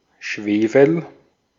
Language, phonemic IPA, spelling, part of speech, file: German, /ˈʃveːfəl/, Schwefel, noun, De-at-Schwefel.ogg
- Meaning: sulfur, brimstone (chemical element, S, atomic number 16)